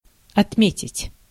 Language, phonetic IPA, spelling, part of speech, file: Russian, [ɐtˈmʲetʲɪtʲ], отметить, verb, Ru-отметить.ogg
- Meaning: 1. to mark 2. to note 3. to mark off, to make a note (of) 4. to mention, to point to, to record 5. to celebrate, to mark by celebration, to commemorate, to observe (anniversary, ceremony)